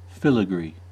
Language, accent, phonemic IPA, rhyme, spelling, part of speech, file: English, US, /ˈfɪl.ɪ.ɡɹiː/, -iː, filigree, noun / verb, En-us-filigree.ogg
- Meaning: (noun) 1. A delicate and intricate ornamentation made from platinum, gold or silver (or sometimes other metal) twisted wire 2. Anything resembling such intricate ornamentation